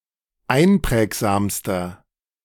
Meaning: inflection of einprägsam: 1. strong/mixed nominative masculine singular superlative degree 2. strong genitive/dative feminine singular superlative degree 3. strong genitive plural superlative degree
- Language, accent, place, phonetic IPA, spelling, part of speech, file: German, Germany, Berlin, [ˈaɪ̯nˌpʁɛːkzaːmstɐ], einprägsamster, adjective, De-einprägsamster.ogg